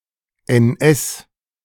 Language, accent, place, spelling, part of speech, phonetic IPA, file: German, Germany, Berlin, NS, abbreviation, [ɛnˈʔɛs], De-NS.ogg
- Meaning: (noun) 1. abbreviation of Nationalsozialismus; Nazi 2. abbreviation of Nervensystem (“nervous system (NS)”) 3. abbreviation of Nachsatz 4. abbreviation of Nachschrift 5. abbreviation of Nukleinsäure